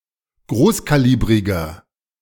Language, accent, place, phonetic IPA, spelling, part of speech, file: German, Germany, Berlin, [ˈɡʁoːskaˌliːbʁɪɡɐ], großkalibriger, adjective, De-großkalibriger.ogg
- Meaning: 1. comparative degree of großkalibrig 2. inflection of großkalibrig: strong/mixed nominative masculine singular 3. inflection of großkalibrig: strong genitive/dative feminine singular